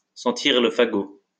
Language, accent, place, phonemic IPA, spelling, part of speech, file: French, France, Lyon, /sɑ̃.tiʁ lə fa.ɡo/, sentir le fagot, verb, LL-Q150 (fra)-sentir le fagot.wav
- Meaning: to smack of heresy